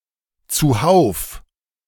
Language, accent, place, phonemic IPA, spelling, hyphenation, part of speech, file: German, Germany, Berlin, /t͡suˈhaʊ̯f/, zuhauf, zu‧hauf, adverb, De-zuhauf.ogg
- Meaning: 1. in droves, in large numbers or quantities 2. synonym of zusammen (“together”)